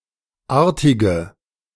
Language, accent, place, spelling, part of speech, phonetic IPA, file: German, Germany, Berlin, artige, adjective, [ˈaːɐ̯tɪɡə], De-artige.ogg
- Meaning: inflection of artig: 1. strong/mixed nominative/accusative feminine singular 2. strong nominative/accusative plural 3. weak nominative all-gender singular 4. weak accusative feminine/neuter singular